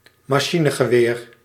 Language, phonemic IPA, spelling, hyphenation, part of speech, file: Dutch, /maːˈʃi.nə.ɣəˌʋeːr/, machinegeweer, ma‧chi‧ne‧ge‧weer, noun, Nl-machinegeweer.ogg
- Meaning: machine gun